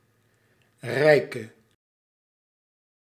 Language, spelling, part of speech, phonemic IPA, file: Dutch, rijke, adjective / noun, /ˈrɛi̯kə/, Nl-rijke.ogg
- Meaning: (adjective) inflection of rijk: 1. masculine/feminine singular attributive 2. definite neuter singular attributive 3. plural attributive; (noun) 1. a rich one 2. a wealthy person